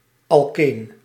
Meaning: alkene
- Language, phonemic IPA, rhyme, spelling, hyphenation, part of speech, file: Dutch, /ɑlˈkeːn/, -eːn, alkeen, al‧keen, noun, Nl-alkeen.ogg